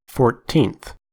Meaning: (adjective) The ordinal form of the number fourteen; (noun) 1. The person or thing in the fourteenth position 2. One of fourteen equal parts of a whole
- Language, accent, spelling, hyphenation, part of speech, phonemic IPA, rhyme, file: English, US, fourteenth, four‧teenth, adjective / noun, /ˌfɔɹˈtiːnθ/, -iːnθ, En-us-fourteenth.ogg